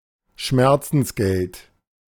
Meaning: solatium
- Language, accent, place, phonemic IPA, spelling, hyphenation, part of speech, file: German, Germany, Berlin, /ˈʃmɛʁt͡sn̩sˌɡɛlt/, Schmerzensgeld, Schmer‧zens‧geld, noun, De-Schmerzensgeld.ogg